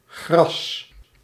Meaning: grass
- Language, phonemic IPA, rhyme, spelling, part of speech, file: Dutch, /ɣrɑs/, -ɑs, gras, noun, Nl-gras.ogg